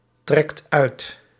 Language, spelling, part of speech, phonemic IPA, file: Dutch, trekt uit, verb, /ˈtrɛkt ˈœyt/, Nl-trekt uit.ogg
- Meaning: inflection of uittrekken: 1. second/third-person singular present indicative 2. plural imperative